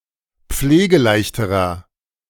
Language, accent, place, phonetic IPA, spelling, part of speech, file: German, Germany, Berlin, [ˈp͡fleːɡəˌlaɪ̯çtəʁɐ], pflegeleichterer, adjective, De-pflegeleichterer.ogg
- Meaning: inflection of pflegeleicht: 1. strong/mixed nominative masculine singular comparative degree 2. strong genitive/dative feminine singular comparative degree 3. strong genitive plural comparative degree